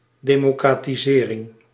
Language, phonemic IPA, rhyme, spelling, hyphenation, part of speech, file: Dutch, /ˌdeː.moː.kraː.tiˈzeː.rɪŋ/, -eːrɪŋ, democratisering, de‧mo‧cra‧ti‧se‧ring, noun, Nl-democratisering.ogg
- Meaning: democratisation (UK), democratization (US)